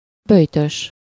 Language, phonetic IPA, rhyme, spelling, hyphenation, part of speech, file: Hungarian, [ˈbøjtøʃ], -øʃ, böjtös, böj‧tös, adjective / noun, Hu-böjtös.ogg
- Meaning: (adjective) Lenten; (noun) a person who is participating in a Lenten diet